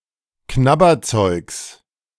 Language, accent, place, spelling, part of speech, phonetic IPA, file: German, Germany, Berlin, Knabberzeugs, noun, [ˈknabɐˌt͡sɔɪ̯ks], De-Knabberzeugs.ogg
- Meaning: genitive of Knabberzeug